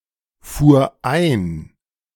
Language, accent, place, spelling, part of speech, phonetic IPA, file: German, Germany, Berlin, fuhr ein, verb, [ˌfuːɐ̯ ˈaɪ̯n], De-fuhr ein.ogg
- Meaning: first/third-person singular preterite of einfahren